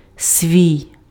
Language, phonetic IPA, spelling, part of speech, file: Ukrainian, [sʲʋʲii̯], свій, pronoun, Uk-свій.ogg
- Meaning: one's, my, his, her, its, our, your, their (always refers to the subject of the sentence)